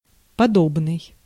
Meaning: 1. similar 2. like, such as
- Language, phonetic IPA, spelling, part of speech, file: Russian, [pɐˈdobnɨj], подобный, determiner, Ru-подобный.ogg